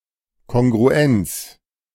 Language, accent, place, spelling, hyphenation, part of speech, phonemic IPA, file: German, Germany, Berlin, Kongruenz, Kon‧gru‧enz, noun, /ˌkɔŋɡʁuˈɛnts/, De-Kongruenz.ogg
- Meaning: 1. agreement (grammatical agreement) 2. congruence